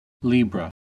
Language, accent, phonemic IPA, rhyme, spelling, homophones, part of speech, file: English, US, /ˈliːbɹə/, -iːbɹə, Libra, libre, proper noun / noun, En-us-Libra.ogg
- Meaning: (proper noun) A constellation of the zodiac, traditionally figured in the shape of a set of weighing scales, though earlier figured as the claws of Scorpio